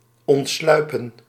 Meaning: to sneak away, to escape by sneaking
- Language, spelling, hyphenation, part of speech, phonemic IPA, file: Dutch, ontsluipen, ont‧slui‧pen, verb, /ˌɔntˈslœy̯pə(n)/, Nl-ontsluipen.ogg